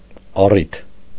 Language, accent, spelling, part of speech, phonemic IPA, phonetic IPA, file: Armenian, Eastern Armenian, առիթ, noun, /ɑˈritʰ/, [ɑrítʰ], Hy-առիթ.ogg
- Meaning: 1. occasion, reason 2. pretext, excuse